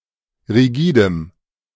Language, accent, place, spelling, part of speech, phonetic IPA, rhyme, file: German, Germany, Berlin, rigidem, adjective, [ʁiˈɡiːdəm], -iːdəm, De-rigidem.ogg
- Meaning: strong dative masculine/neuter singular of rigide